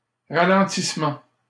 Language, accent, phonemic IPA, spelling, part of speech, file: French, Canada, /ʁa.lɑ̃.tis.mɑ̃/, ralentissement, noun, LL-Q150 (fra)-ralentissement.wav
- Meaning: 1. deceleration, slowing down 2. traffic jam